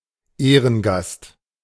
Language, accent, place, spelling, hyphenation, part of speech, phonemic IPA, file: German, Germany, Berlin, Ehrengast, Eh‧ren‧gast, noun, /ˈeːʁənˌɡast/, De-Ehrengast.ogg
- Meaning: guest of honour